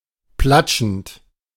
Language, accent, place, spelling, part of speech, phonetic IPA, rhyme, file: German, Germany, Berlin, platschend, verb, [ˈplat͡ʃn̩t], -at͡ʃn̩t, De-platschend.ogg
- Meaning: present participle of platschen